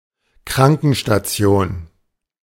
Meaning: infirmary
- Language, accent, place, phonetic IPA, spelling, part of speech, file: German, Germany, Berlin, [ˈkʁaŋkn̩ʃtaˌt͡si̯oːn], Krankenstation, noun, De-Krankenstation.ogg